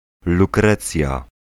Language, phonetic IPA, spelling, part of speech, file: Polish, [luˈkrɛt͡sʲja], lukrecja, noun, Pl-lukrecja.ogg